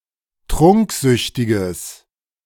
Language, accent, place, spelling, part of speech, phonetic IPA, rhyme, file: German, Germany, Berlin, trunksüchtiges, adjective, [ˈtʁʊŋkˌzʏçtɪɡəs], -ʊŋkzʏçtɪɡəs, De-trunksüchtiges.ogg
- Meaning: strong/mixed nominative/accusative neuter singular of trunksüchtig